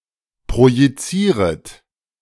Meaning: second-person plural subjunctive I of projizieren
- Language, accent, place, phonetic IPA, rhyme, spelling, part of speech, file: German, Germany, Berlin, [pʁojiˈt͡siːʁət], -iːʁət, projizieret, verb, De-projizieret.ogg